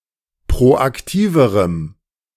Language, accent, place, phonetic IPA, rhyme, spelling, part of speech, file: German, Germany, Berlin, [pʁoʔakˈtiːvəʁəm], -iːvəʁəm, proaktiverem, adjective, De-proaktiverem.ogg
- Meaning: strong dative masculine/neuter singular comparative degree of proaktiv